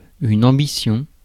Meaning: ambition
- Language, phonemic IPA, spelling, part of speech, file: French, /ɑ̃.bi.sjɔ̃/, ambition, noun, Fr-ambition.ogg